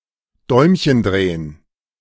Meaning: to twiddle one's thumbs
- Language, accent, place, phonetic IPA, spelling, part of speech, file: German, Germany, Berlin, [ˈdɔɪ̯mçən ˌdʁeːən], Däumchen drehen, phrase, De-Däumchen drehen.ogg